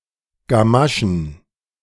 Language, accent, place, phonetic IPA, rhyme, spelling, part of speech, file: German, Germany, Berlin, [ɡaˈmaʃn̩], -aʃn̩, Gamaschen, noun, De-Gamaschen.ogg
- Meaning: plural of Gamasche